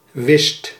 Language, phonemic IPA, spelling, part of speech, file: Dutch, /ʋɪst/, wist, verb / adjective, Nl-wist.ogg
- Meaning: 1. singular past indicative of weten 2. inflection of wissen: second/third-person singular present indicative 3. inflection of wissen: plural imperative